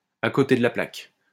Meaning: off the mark, wide of the mark, off-beam, off-the-wall; beside the point, beside the mark
- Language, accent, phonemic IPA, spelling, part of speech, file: French, France, /a ko.te d(ə) la plak/, à côté de la plaque, prepositional phrase, LL-Q150 (fra)-à côté de la plaque.wav